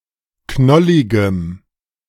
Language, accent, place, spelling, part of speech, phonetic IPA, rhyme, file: German, Germany, Berlin, knolligem, adjective, [ˈknɔlɪɡəm], -ɔlɪɡəm, De-knolligem.ogg
- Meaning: strong dative masculine/neuter singular of knollig